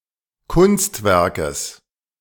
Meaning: genitive singular of Kunstwerk
- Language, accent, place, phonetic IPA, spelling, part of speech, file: German, Germany, Berlin, [ˈkʊnstˌvɛʁkəs], Kunstwerkes, noun, De-Kunstwerkes.ogg